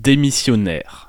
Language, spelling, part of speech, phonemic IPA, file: French, démissionnaire, noun / adjective, /de.mi.sjɔ.nɛʁ/, Fr-démissionnaire.ogg
- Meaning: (noun) resigner (someone who resigns); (adjective) resigning, outgoing